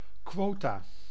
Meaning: 1. synonym of quotum 2. plural of quotum
- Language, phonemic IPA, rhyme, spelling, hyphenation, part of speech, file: Dutch, /ˈkʋoː.taː/, -oːtaː, quota, quo‧ta, noun, Nl-quota.ogg